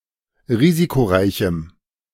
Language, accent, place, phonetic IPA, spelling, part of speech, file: German, Germany, Berlin, [ˈʁiːzikoˌʁaɪ̯çm̩], risikoreichem, adjective, De-risikoreichem.ogg
- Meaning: strong dative masculine/neuter singular of risikoreich